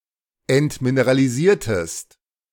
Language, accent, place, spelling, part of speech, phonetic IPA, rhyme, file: German, Germany, Berlin, entmineralisiertest, verb, [ɛntmineʁaliˈziːɐ̯təst], -iːɐ̯təst, De-entmineralisiertest.ogg
- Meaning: inflection of entmineralisieren: 1. second-person singular preterite 2. second-person singular subjunctive II